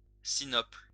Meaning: 1. sinople, vert (green) 2. sinople (red substance)
- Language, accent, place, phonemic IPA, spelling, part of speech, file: French, France, Lyon, /si.nɔpl/, sinople, noun, LL-Q150 (fra)-sinople.wav